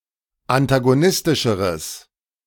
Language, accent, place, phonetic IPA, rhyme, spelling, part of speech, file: German, Germany, Berlin, [antaɡoˈnɪstɪʃəʁəs], -ɪstɪʃəʁəs, antagonistischeres, adjective, De-antagonistischeres.ogg
- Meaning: strong/mixed nominative/accusative neuter singular comparative degree of antagonistisch